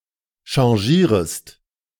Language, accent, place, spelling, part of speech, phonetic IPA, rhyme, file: German, Germany, Berlin, changierest, verb, [ʃɑ̃ˈʒiːʁəst], -iːʁəst, De-changierest.ogg
- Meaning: second-person singular subjunctive I of changieren